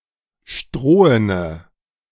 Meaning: inflection of strohen: 1. strong/mixed nominative/accusative feminine singular 2. strong nominative/accusative plural 3. weak nominative all-gender singular 4. weak accusative feminine/neuter singular
- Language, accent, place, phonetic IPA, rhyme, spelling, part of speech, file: German, Germany, Berlin, [ˈʃtʁoːənə], -oːənə, strohene, adjective, De-strohene.ogg